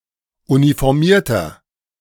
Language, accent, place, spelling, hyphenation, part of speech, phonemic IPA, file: German, Germany, Berlin, Uniformierter, Uni‧for‧mier‧ter, noun, /unifɔʁˈmiːɐ̯tɐ/, De-Uniformierter.ogg
- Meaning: 1. person in uniform (male or of unspecified gender) 2. inflection of Uniformierte: strong genitive/dative singular 3. inflection of Uniformierte: strong genitive plural